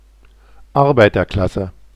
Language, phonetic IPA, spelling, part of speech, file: German, [ˈaʁbaɪ̯tɐˌklasə], Arbeiterklasse, noun, De-Arbeiterklasse.oga
- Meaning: working class